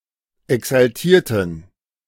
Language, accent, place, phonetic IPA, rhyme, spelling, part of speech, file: German, Germany, Berlin, [ɛksalˈtiːɐ̯tn̩], -iːɐ̯tn̩, exaltierten, adjective / verb, De-exaltierten.ogg
- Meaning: inflection of exaltiert: 1. strong genitive masculine/neuter singular 2. weak/mixed genitive/dative all-gender singular 3. strong/weak/mixed accusative masculine singular 4. strong dative plural